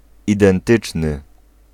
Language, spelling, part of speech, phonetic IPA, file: Polish, identyczny, adjective, [ˌidɛ̃nˈtɨt͡ʃnɨ], Pl-identyczny.ogg